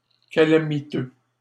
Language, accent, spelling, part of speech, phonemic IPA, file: French, Canada, calamiteux, adjective, /ka.la.mi.tø/, LL-Q150 (fra)-calamiteux.wav
- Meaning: calamitous